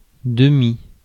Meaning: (adjective) half; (adverb) half; partially; almost; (noun) 1. half (fraction) 2. half (half-hour)
- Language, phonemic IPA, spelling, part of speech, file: French, /də.mi/, demi, adjective / adverb / noun, Fr-demi.ogg